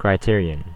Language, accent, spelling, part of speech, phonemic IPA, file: English, US, criterion, noun, /kɹaɪˈtɪɹ.i.ən/, En-us-criterion.ogg
- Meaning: A standard, test, or requirement by which individual things or people may be compared and judged; a gauge